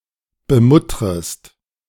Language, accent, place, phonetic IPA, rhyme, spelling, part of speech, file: German, Germany, Berlin, [bəˈmʊtʁəst], -ʊtʁəst, bemuttrest, verb, De-bemuttrest.ogg
- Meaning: second-person singular subjunctive I of bemuttern